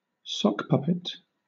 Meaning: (noun) 1. A puppet made from a sock placed over a hand 2. Synonym of puppet (“a person completely controlled by another”) 3. An alternative pseudonymous online account, especially one used for abuse
- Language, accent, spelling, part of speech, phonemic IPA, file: English, Southern England, sock puppet, noun / verb, /ˈsɒkˌpʌpɪt/, LL-Q1860 (eng)-sock puppet.wav